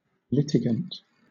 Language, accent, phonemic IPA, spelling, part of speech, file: English, Southern England, /ˈlɪtɪɡənt/, litigant, noun / adjective, LL-Q1860 (eng)-litigant.wav
- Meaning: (noun) A party suing or being sued in a lawsuit, or otherwise calling upon the judicial process to determine the outcome of a suit